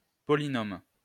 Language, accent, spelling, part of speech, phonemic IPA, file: French, France, polynôme, noun, /pɔ.li.nom/, LL-Q150 (fra)-polynôme.wav
- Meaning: polynomial